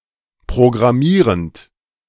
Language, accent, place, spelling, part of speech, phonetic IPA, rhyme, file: German, Germany, Berlin, programmierend, verb, [pʁoɡʁaˈmiːʁənt], -iːʁənt, De-programmierend.ogg
- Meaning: present participle of programmieren